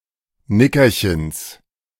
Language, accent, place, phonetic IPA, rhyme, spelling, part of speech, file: German, Germany, Berlin, [ˈnɪkɐçəns], -ɪkɐçəns, Nickerchens, noun, De-Nickerchens.ogg
- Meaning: genitive singular of Nickerchen